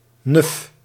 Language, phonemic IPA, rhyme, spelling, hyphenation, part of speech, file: Dutch, /nʏf/, -ʏf, nuf, nuf, noun, Nl-nuf.ogg
- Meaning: a woman, in particular a girl, who is considered arrogant or posh